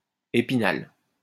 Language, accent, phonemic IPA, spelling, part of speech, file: French, France, /e.pi.nal/, Épinal, proper noun, LL-Q150 (fra)-Épinal.wav
- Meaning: Main city of the Vosges department in France